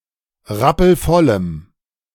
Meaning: strong dative masculine/neuter singular of rappelvoll
- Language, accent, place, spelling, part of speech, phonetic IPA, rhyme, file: German, Germany, Berlin, rappelvollem, adjective, [ˈʁapl̩ˈfɔləm], -ɔləm, De-rappelvollem.ogg